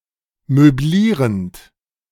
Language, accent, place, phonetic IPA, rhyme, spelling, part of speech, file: German, Germany, Berlin, [møˈbliːʁənt], -iːʁənt, möblierend, verb, De-möblierend.ogg
- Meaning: present participle of möblieren